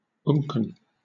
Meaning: Only used in unken reflex
- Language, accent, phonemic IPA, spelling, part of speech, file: English, Southern England, /ˈʊŋkən/, unken, adjective, LL-Q1860 (eng)-unken.wav